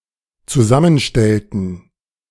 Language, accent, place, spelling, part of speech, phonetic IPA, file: German, Germany, Berlin, zusammenstellten, verb, [t͡suˈzamənˌʃtɛltn̩], De-zusammenstellten.ogg
- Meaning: inflection of zusammenstellen: 1. first/third-person plural dependent preterite 2. first/third-person plural dependent subjunctive II